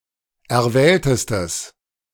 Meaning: strong/mixed nominative/accusative neuter singular superlative degree of erwählt
- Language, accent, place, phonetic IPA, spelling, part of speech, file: German, Germany, Berlin, [ɛɐ̯ˈvɛːltəstəs], erwähltestes, adjective, De-erwähltestes.ogg